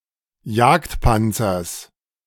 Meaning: genitive singular of Jagdpanzer
- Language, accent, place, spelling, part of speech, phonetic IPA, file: German, Germany, Berlin, Jagdpanzers, noun, [ˈjaːktˌpant͡sɐs], De-Jagdpanzers.ogg